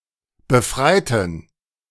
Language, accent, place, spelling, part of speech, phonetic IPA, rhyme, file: German, Germany, Berlin, befreiten, adjective / verb, [bəˈfʁaɪ̯tn̩], -aɪ̯tn̩, De-befreiten.ogg
- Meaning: inflection of befreien: 1. first/third-person plural preterite 2. first/third-person plural subjunctive II